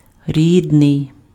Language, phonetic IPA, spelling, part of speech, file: Ukrainian, [ˈrʲidnei̯], рідний, adjective, Uk-рідний.ogg
- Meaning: native